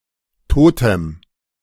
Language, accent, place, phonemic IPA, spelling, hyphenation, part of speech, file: German, Germany, Berlin, /ˈtoːtɛm/, Totem, To‧tem, noun, De-Totem.ogg
- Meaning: totem